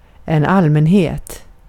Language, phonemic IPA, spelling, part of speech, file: Swedish, /ˈalːmɛnˌheːt/, allmänhet, noun, Sv-allmänhet.ogg
- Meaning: 1. public (people in general) 2. generality (from allmän (“general”) + -het (“-ness, -ity”))